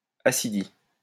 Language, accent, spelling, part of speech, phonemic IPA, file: French, France, ascidie, noun, /a.si.di/, LL-Q150 (fra)-ascidie.wav
- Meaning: ascidian